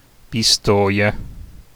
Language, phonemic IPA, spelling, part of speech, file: Italian, /pisˈtɔja/, Pistoia, proper noun, It-Pistoia.ogg